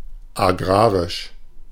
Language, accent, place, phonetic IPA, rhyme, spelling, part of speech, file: German, Germany, Berlin, [aˈɡʁaːʁɪʃ], -aːʁɪʃ, agrarisch, adjective, De-agrarisch.ogg
- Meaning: agrarian, agricultural